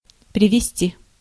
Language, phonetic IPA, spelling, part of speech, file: Russian, [prʲɪvʲɪˈsʲtʲi], привести, verb, Ru-привести.ogg
- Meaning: 1. to bring (someone with) 2. to lead (of a road) 3. to result, to lead, to bring 4. to reduce 5. to quote, to cite, to adduce, to list 6. to bring, to put, to set (into condition)